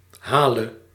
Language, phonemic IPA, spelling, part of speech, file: Dutch, /ˈhalə/, hale, verb, Nl-hale.ogg
- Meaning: singular present subjunctive of halen